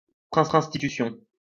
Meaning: institution
- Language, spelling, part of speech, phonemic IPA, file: French, institution, noun, /ɛ̃s.ti.ty.sjɔ̃/, LL-Q150 (fra)-institution.wav